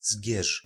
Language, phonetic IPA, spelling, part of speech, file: Polish, [zʲɟɛʃ], Zgierz, proper noun, Pl-Zgierz.ogg